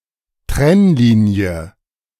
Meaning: divide, dividing line, parting line, separating line
- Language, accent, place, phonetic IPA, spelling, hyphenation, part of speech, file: German, Germany, Berlin, [ˈtʁɛnˌliːni̯ə], Trennlinie, Trenn‧li‧nie, noun, De-Trennlinie.ogg